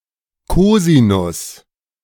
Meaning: cosine
- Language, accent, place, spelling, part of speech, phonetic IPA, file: German, Germany, Berlin, Kosinus, noun, [ˈkoːzinʊs], De-Kosinus.ogg